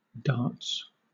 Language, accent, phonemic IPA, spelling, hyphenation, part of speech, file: English, Southern England, /ˈdɑːts/, darts, darts, noun / verb, LL-Q1860 (eng)-darts.wav
- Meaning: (noun) 1. A game or sport in which darts are thrown at a board, and points are scored depending on where the darts land 2. plural of dart